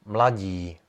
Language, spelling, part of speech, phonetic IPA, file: Czech, mladí, adjective, [ˈmlaɟiː], Cs-mladí.ogg
- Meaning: masculine animate nominative/vocative plural of mladý